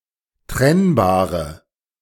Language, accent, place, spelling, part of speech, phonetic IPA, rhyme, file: German, Germany, Berlin, trennbare, adjective, [ˈtʁɛnbaːʁə], -ɛnbaːʁə, De-trennbare.ogg
- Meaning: inflection of trennbar: 1. strong/mixed nominative/accusative feminine singular 2. strong nominative/accusative plural 3. weak nominative all-gender singular